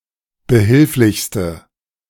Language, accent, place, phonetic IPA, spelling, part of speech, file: German, Germany, Berlin, [bəˈhɪlflɪçstə], behilflichste, adjective, De-behilflichste.ogg
- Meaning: inflection of behilflich: 1. strong/mixed nominative/accusative feminine singular superlative degree 2. strong nominative/accusative plural superlative degree